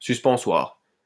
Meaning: jockstrap
- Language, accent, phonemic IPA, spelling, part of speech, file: French, France, /sys.pɑ̃.swaʁ/, suspensoir, noun, LL-Q150 (fra)-suspensoir.wav